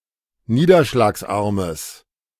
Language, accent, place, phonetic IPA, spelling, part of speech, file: German, Germany, Berlin, [ˈniːdɐʃlaːksˌʔaʁməs], niederschlagsarmes, adjective, De-niederschlagsarmes.ogg
- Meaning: strong/mixed nominative/accusative neuter singular of niederschlagsarm